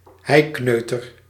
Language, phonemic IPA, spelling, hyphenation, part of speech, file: Dutch, /ˈɦɛi̯ˌknøː.tər/, heikneuter, hei‧kneu‧ter, noun, Nl-heikneuter.ogg
- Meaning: 1. bumpkin, yokel, hick (unsophisticated rural person) 2. synonym of kneu (“common linnet (Linaria cannabina)”)